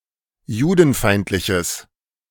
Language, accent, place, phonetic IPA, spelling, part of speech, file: German, Germany, Berlin, [ˈjuːdn̩ˌfaɪ̯ntlɪçəs], judenfeindliches, adjective, De-judenfeindliches.ogg
- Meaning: strong/mixed nominative/accusative neuter singular of judenfeindlich